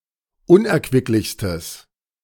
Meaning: strong/mixed nominative/accusative neuter singular superlative degree of unerquicklich
- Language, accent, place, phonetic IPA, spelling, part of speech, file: German, Germany, Berlin, [ˈʊnʔɛɐ̯kvɪklɪçstəs], unerquicklichstes, adjective, De-unerquicklichstes.ogg